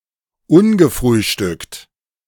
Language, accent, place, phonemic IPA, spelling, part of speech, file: German, Germany, Berlin, /ˈʊnɡəˌfʁyːʃtʏkt/, ungefrühstückt, adjective, De-ungefrühstückt.ogg
- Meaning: unbreakfasted